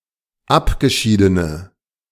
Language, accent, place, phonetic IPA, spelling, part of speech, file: German, Germany, Berlin, [ˈapɡəˌʃiːdənə], abgeschiedene, adjective, De-abgeschiedene.ogg
- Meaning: inflection of abgeschieden: 1. strong/mixed nominative/accusative feminine singular 2. strong nominative/accusative plural 3. weak nominative all-gender singular